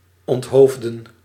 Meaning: 1. to behead, decapitate, notably as capital punishment 2. to remove the leadership, the brains etc. (from ...)
- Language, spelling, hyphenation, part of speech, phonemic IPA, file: Dutch, onthoofden, ont‧hoof‧den, verb, /ˌɔntˈɦoːf.də(n)/, Nl-onthoofden.ogg